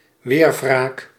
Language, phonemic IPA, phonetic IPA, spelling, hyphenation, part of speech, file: Dutch, /ˈʋeːr.vraːk/, [ˈʋɪːr.vraːk], weerwraak, weer‧wraak, noun, Nl-weerwraak.ogg
- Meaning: retaliation, revenge